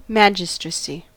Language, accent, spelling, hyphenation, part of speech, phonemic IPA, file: English, General American, magistracy, ma‧gis‧tra‧cy, noun, /ˈmæd͡ʒəstɹəsi/, En-us-magistracy.ogg
- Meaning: 1. The dignity or office of a magistrate 2. The collective body of magistrates